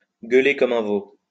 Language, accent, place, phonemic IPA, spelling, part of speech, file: French, France, Lyon, /ɡœ.le kɔ.m‿œ̃ vo/, gueuler comme un veau, verb, LL-Q150 (fra)-gueuler comme un veau.wav
- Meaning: to scream one's head off, squeal like a stuck pig